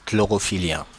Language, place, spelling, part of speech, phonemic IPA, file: French, Paris, chlorophyllien, adjective, /klɔ.ʁɔ.fi.ljɛ̃/, Fr-chlorophyllien.oga
- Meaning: chlorophyllic